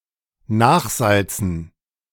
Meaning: to add extra salt
- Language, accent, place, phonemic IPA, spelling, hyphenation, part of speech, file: German, Germany, Berlin, /ˈnaːxˌzalt͡sn̩/, nachsalzen, nach‧sal‧zen, verb, De-nachsalzen.ogg